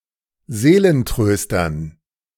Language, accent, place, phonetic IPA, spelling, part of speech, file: German, Germany, Berlin, [ˈzeːlənˌtʁøːstɐn], Seelentröstern, noun, De-Seelentröstern.ogg
- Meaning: dative plural of Seelentröster